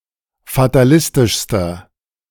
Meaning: inflection of fatalistisch: 1. strong/mixed nominative masculine singular superlative degree 2. strong genitive/dative feminine singular superlative degree 3. strong genitive plural superlative degree
- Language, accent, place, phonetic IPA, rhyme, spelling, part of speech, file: German, Germany, Berlin, [fataˈlɪstɪʃstɐ], -ɪstɪʃstɐ, fatalistischster, adjective, De-fatalistischster.ogg